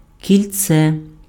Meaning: 1. hoop 2. ring 3. tree ring 4. terminal (bus, tram) 5. roundabout, traffic circle 6. (in plural) rings
- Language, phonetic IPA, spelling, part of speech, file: Ukrainian, [kʲilʲˈt͡sɛ], кільце, noun, Uk-кільце.ogg